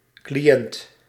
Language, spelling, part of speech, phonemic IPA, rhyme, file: Dutch, cliënt, noun, /kliˈɛnt/, -ɛnt, Nl-cliënt.ogg
- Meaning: client, customer (of a service provider)